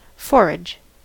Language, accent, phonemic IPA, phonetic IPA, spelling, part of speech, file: English, US, /ˈfoɹɪd͡ʒ/, [ˈfo̞ɹɪd͡ʒ], forage, noun / verb, En-us-forage.ogg
- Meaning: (noun) 1. Fodder for animals, especially cattle and horses 2. An act or instance of foraging 3. The demand for fodder, etc., by an army from the local population